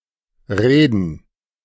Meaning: 1. to talk, to speak, to orate 2. to talk, to reveal (something secret) 3. to say, to speak
- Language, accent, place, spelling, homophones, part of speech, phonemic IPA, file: German, Germany, Berlin, reden, Reden / Reeden, verb, /ˈʁeːdən/, De-reden.ogg